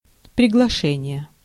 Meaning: 1. invitation (act of inviting) 2. invitation (document containing an invitation)
- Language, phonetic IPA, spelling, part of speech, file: Russian, [prʲɪɡɫɐˈʂɛnʲɪje], приглашение, noun, Ru-приглашение.ogg